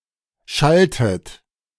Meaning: inflection of schallen: 1. second-person plural preterite 2. second-person plural subjunctive II
- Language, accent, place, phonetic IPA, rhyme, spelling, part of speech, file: German, Germany, Berlin, [ˈʃaltət], -altət, schalltet, verb, De-schalltet.ogg